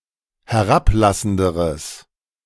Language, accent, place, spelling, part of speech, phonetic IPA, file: German, Germany, Berlin, herablassenderes, adjective, [hɛˈʁapˌlasn̩dəʁəs], De-herablassenderes.ogg
- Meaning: strong/mixed nominative/accusative neuter singular comparative degree of herablassend